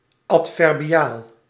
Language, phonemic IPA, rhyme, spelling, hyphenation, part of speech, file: Dutch, /ˌɑt.fɛr.biˈaːl/, -aːl, adverbiaal, ad‧ver‧bi‧aal, adjective, Nl-adverbiaal.ogg
- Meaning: adverbial